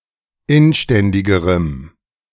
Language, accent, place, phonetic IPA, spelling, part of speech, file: German, Germany, Berlin, [ˈɪnˌʃtɛndɪɡəʁəm], inständigerem, adjective, De-inständigerem.ogg
- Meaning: strong dative masculine/neuter singular comparative degree of inständig